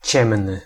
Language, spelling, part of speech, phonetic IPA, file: Polish, ciemny, adjective, [ˈt͡ɕɛ̃mnɨ], Pl-ciemny.ogg